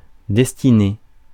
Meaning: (verb) feminine singular of destiné; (noun) destiny, fate
- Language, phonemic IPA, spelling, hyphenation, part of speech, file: French, /dɛs.ti.ne/, destinée, des‧ti‧née, verb / noun, Fr-destinée.ogg